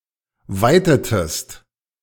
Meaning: inflection of weiten: 1. second-person singular preterite 2. second-person singular subjunctive II
- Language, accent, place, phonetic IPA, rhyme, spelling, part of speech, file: German, Germany, Berlin, [ˈvaɪ̯tətəst], -aɪ̯tətəst, weitetest, verb, De-weitetest.ogg